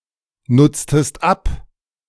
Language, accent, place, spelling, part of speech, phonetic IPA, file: German, Germany, Berlin, nutztest ab, verb, [ˌnʊt͡stəst ˈap], De-nutztest ab.ogg
- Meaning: inflection of abnutzen: 1. second-person singular preterite 2. second-person singular subjunctive II